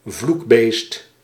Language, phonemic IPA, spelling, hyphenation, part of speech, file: Dutch, /ˈvluk.beːst/, vloekbeest, vloek‧beest, noun, Nl-vloekbeest.ogg
- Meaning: 1. a prolific curser 2. a loud and shrill animal